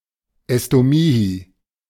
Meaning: Quinquagesima
- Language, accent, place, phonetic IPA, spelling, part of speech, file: German, Germany, Berlin, [ɛstoˈmiːhi], Estomihi, noun, De-Estomihi.ogg